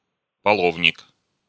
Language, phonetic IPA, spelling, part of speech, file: Russian, [pɐˈɫovnʲɪk], половник, noun, Ru-половник.ogg
- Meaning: ladle